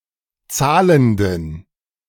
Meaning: inflection of zahlend: 1. strong genitive masculine/neuter singular 2. weak/mixed genitive/dative all-gender singular 3. strong/weak/mixed accusative masculine singular 4. strong dative plural
- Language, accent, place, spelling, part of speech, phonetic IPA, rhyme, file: German, Germany, Berlin, zahlenden, adjective, [ˈt͡saːləndn̩], -aːləndn̩, De-zahlenden.ogg